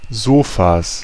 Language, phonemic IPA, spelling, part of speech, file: German, /ˈzoːfas/, Sofas, noun, De-Sofas.ogg
- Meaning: plural of Sofa